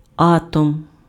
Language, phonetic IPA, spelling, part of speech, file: Ukrainian, [ˈatɔm], атом, noun, Uk-атом.ogg
- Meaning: atom